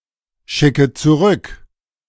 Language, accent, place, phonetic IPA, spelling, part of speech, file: German, Germany, Berlin, [ˌʃɪkə t͡suˈʁʏk], schicke zurück, verb, De-schicke zurück.ogg
- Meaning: inflection of zurückschicken: 1. first-person singular present 2. first/third-person singular subjunctive I 3. singular imperative